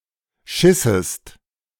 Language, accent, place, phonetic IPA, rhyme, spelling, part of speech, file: German, Germany, Berlin, [ˈʃɪsəst], -ɪsəst, schissest, verb, De-schissest.ogg
- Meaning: second-person singular subjunctive II of scheißen